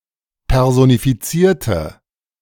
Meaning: inflection of personifizieren: 1. first/third-person singular preterite 2. first/third-person singular subjunctive II
- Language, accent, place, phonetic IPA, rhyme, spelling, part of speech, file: German, Germany, Berlin, [ˌpɛʁzonifiˈt͡siːɐ̯tə], -iːɐ̯tə, personifizierte, adjective / verb, De-personifizierte.ogg